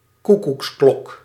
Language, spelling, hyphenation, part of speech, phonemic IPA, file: Dutch, koekoeksklok, koe‧koeks‧klok, noun, /ˈku.kuksˌklɔk/, Nl-koekoeksklok.ogg
- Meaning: cuckoo clock (any musical clock with a cuckoo figurine that imitates a cuckoo's call)